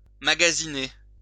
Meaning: 1. to shop; to go shopping 2. to shop around; to compare products, services, prices, or terms before making a purchase or commitment
- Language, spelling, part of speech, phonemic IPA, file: French, magasiner, verb, /ma.ɡa.zi.ne/, LL-Q150 (fra)-magasiner.wav